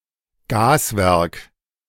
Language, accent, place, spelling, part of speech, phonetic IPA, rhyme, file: German, Germany, Berlin, Gaswerk, noun, [ˈɡaːsˌvɛʁk], -aːsvɛʁk, De-Gaswerk.ogg
- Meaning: gasworks